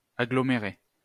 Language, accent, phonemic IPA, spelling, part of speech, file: French, France, /a.ɡlɔ.me.ʁe/, agglomérer, verb, LL-Q150 (fra)-agglomérer.wav
- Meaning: to agglomerate; fuse together